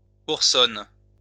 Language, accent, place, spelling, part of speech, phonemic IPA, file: French, France, Lyon, oursonne, noun, /uʁ.sɔn/, LL-Q150 (fra)-oursonne.wav
- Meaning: female equivalent of ourson